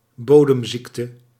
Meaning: soil-borne disease, soil disease
- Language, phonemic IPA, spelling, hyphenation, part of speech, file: Dutch, /ˈboː.dəmˌzik.tə/, bodemziekte, bo‧dem‧ziek‧te, noun, Nl-bodemziekte.ogg